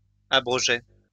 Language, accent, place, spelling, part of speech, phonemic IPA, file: French, France, Lyon, abrogeait, verb, /a.bʁɔ.ʒɛ/, LL-Q150 (fra)-abrogeait.wav
- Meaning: third-person singular imperfect indicative of abroger